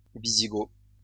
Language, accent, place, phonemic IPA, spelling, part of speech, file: French, France, Lyon, /vi.zi.ɡo/, wisigoth, adjective, LL-Q150 (fra)-wisigoth.wav
- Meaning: Visigothic